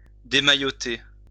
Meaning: to unswathe; unswaddle
- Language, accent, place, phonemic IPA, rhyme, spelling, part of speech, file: French, France, Lyon, /de.ma.jɔ.te/, -e, démailloter, verb, LL-Q150 (fra)-démailloter.wav